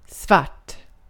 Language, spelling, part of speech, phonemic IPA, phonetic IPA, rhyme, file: Swedish, svart, adjective / noun, /¹svart/, [¹sv̥aʈː], -art, Sv-svart.ogg
- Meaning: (adjective) 1. black (color/colour) 2. black (of a person) 3. done without legal permission; illegal